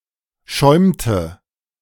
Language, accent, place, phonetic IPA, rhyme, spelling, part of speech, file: German, Germany, Berlin, [ˈʃɔɪ̯mtə], -ɔɪ̯mtə, schäumte, verb, De-schäumte.ogg
- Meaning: inflection of schäumen: 1. first/third-person singular preterite 2. first/third-person singular subjunctive II